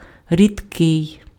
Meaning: 1. rare 2. thin, sparse 3. scarce 4. liquid
- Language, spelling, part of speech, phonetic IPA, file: Ukrainian, рідкий, adjective, [rʲidˈkɪi̯], Uk-рідкий.ogg